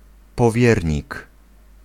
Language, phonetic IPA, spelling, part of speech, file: Polish, [pɔˈvʲjɛrʲɲik], powiernik, noun, Pl-powiernik.ogg